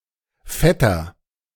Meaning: 1. male cousin 2. paternal uncle
- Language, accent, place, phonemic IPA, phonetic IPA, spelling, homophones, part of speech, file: German, Germany, Berlin, /ˈfɛtər/, [ˈfɛtɐ], Vetter, fetter, noun, De-Vetter.ogg